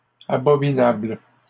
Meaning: plural of abominable
- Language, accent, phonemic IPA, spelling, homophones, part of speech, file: French, Canada, /a.bɔ.mi.nabl/, abominables, abominable, adjective, LL-Q150 (fra)-abominables.wav